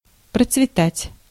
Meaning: to prosper, to thrive, to flourish
- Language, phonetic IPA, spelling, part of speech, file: Russian, [prət͡svʲɪˈtatʲ], процветать, verb, Ru-процветать.ogg